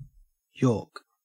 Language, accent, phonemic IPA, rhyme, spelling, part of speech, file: English, Australia, /jɔː(ɹ)k/, -ɔː(ɹ)k, york, verb, En-au-york.ogg
- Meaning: 1. to bowl a yorker at a batsman, especially to get a batsman out in this way 2. To vomit